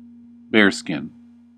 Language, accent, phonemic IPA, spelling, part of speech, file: English, US, /ˈbɛəɹ.skɪn/, bearskin, noun, En-us-bearskin.ogg
- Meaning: 1. The pelt of a bear, especially when used as a rug 2. A tall ceremonial hat worn by members of some British regiments for ceremonial occasions; a busby